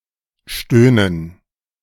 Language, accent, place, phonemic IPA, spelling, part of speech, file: German, Germany, Berlin, /ˈʃtøːnən/, stöhnen, verb, De-stöhnen2.ogg
- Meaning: 1. to moan, to groan, to grunt (to vocalize in a low, unarticulated manner, typically as an extension of exhaling) 2. to moan, to groan (to say in a manner involving moaning or reminiscent thereof)